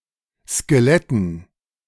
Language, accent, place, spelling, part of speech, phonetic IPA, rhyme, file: German, Germany, Berlin, Skeletten, noun, [skeˈlɛtn̩], -ɛtn̩, De-Skeletten.ogg
- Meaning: dative plural of Skelett